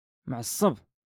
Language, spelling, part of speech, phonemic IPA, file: Moroccan Arabic, معصب, adjective, /mʕasˤ.sˤab/, LL-Q56426 (ary)-معصب.wav
- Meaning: angry, furious, enraged